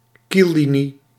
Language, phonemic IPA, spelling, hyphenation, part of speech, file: Dutch, /ˈkilˌli.ni/, kiellinie, kiel‧li‧nie, noun, Nl-kiellinie.ogg
- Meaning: line of battle